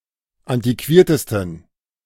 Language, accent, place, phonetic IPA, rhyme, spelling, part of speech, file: German, Germany, Berlin, [ˌantiˈkviːɐ̯təstn̩], -iːɐ̯təstn̩, antiquiertesten, adjective, De-antiquiertesten.ogg
- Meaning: 1. superlative degree of antiquiert 2. inflection of antiquiert: strong genitive masculine/neuter singular superlative degree